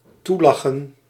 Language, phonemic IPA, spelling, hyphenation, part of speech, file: Dutch, /ˈtuˌlɑ.xə(n)/, toelachen, toe‧la‧chen, verb, Nl-toelachen.ogg
- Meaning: 1. to smile at, to smile toward 2. to smile on, to be beneficial or favourable